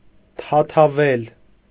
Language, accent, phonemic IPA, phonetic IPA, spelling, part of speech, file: Armenian, Eastern Armenian, /tʰɑtʰɑˈvel/, [tʰɑtʰɑvél], թաթավել, verb, Hy-թաթավել.ogg
- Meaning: to plunge, immerse, soak, steep, drench, imbue